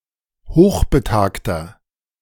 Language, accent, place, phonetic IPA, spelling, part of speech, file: German, Germany, Berlin, [ˈhoːxbəˌtaːktɐ], hochbetagter, adjective, De-hochbetagter.ogg
- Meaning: inflection of hochbetagt: 1. strong/mixed nominative masculine singular 2. strong genitive/dative feminine singular 3. strong genitive plural